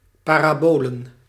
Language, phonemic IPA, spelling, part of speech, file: Dutch, /ˌparaˈbolə(n)/, parabolen, noun, Nl-parabolen.ogg
- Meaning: plural of parabool